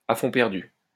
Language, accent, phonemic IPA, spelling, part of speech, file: French, France, /a fɔ̃ pɛʁ.dy/, à fonds perdu, prepositional phrase, LL-Q150 (fra)-à fonds perdu.wav
- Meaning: as a subsidy, being a performance without the expectation of consideration